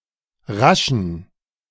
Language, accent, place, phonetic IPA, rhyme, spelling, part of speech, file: German, Germany, Berlin, [ˈʁaʃn̩], -aʃn̩, raschen, adjective, De-raschen.ogg
- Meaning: inflection of rasch: 1. strong genitive masculine/neuter singular 2. weak/mixed genitive/dative all-gender singular 3. strong/weak/mixed accusative masculine singular 4. strong dative plural